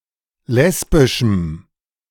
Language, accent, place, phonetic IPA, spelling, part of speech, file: German, Germany, Berlin, [ˈlɛsbɪʃm̩], lesbischem, adjective, De-lesbischem.ogg
- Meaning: strong dative masculine/neuter singular of lesbisch